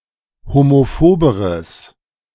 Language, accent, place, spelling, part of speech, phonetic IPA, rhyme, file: German, Germany, Berlin, homophoberes, adjective, [homoˈfoːbəʁəs], -oːbəʁəs, De-homophoberes.ogg
- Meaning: strong/mixed nominative/accusative neuter singular comparative degree of homophob